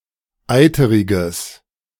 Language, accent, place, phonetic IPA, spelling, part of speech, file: German, Germany, Berlin, [ˈaɪ̯təʁɪɡəs], eiteriges, adjective, De-eiteriges.ogg
- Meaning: strong/mixed nominative/accusative neuter singular of eiterig